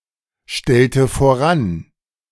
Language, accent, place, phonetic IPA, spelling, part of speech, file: German, Germany, Berlin, [ˌʃtɛltə foˈʁan], stellte voran, verb, De-stellte voran.ogg
- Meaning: inflection of voranstellen: 1. first/third-person singular preterite 2. first/third-person singular subjunctive II